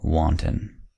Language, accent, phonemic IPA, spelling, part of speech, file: English, US, /ˈwɑntən/, wanton, adjective / noun / verb, En-us-wanton.ogg
- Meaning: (adjective) 1. Undisciplined, unruly; not able to be controlled 2. Playful, sportive; merry or carefree 3. Lewd, immoral; sexually open, unchaste